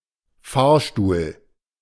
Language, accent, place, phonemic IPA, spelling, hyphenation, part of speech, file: German, Germany, Berlin, /ˈfaːɐ̯ʃtuːl/, Fahrstuhl, Fahr‧stuhl, noun, De-Fahrstuhl.ogg
- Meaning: 1. elevator, lift 2. ellipsis of Krankenfahrstuhl: wheelchair